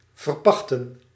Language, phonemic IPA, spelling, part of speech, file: Dutch, /vər.ˈpɑχ.tə(n)/, verpachten, verb, Nl-verpachten.ogg
- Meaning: to lease